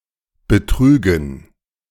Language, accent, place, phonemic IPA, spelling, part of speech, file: German, Germany, Berlin, /bəˈtʀy.ɡən/, Betrügen, noun, De-Betrügen.ogg
- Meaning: dative plural of Betrug